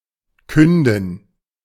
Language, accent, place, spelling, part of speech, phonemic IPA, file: German, Germany, Berlin, künden, verb, /ˈkʏndn̩/, De-künden.ogg
- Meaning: to announce, to tell (of), to bear witness (to)